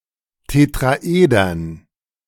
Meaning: dative plural of Tetraeder
- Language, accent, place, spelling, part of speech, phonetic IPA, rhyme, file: German, Germany, Berlin, Tetraedern, noun, [tetʁaˈʔeːdɐn], -eːdɐn, De-Tetraedern.ogg